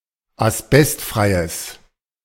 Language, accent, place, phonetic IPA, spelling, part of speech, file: German, Germany, Berlin, [asˈbɛstˌfʁaɪ̯əs], asbestfreies, adjective, De-asbestfreies.ogg
- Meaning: strong/mixed nominative/accusative neuter singular of asbestfrei